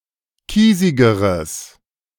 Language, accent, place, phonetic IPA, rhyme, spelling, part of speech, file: German, Germany, Berlin, [ˈkiːzɪɡəʁəs], -iːzɪɡəʁəs, kiesigeres, adjective, De-kiesigeres.ogg
- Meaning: strong/mixed nominative/accusative neuter singular comparative degree of kiesig